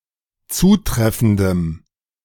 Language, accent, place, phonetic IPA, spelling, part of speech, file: German, Germany, Berlin, [ˈt͡suːˌtʁɛfn̩dəm], zutreffendem, adjective, De-zutreffendem.ogg
- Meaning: strong dative masculine/neuter singular of zutreffend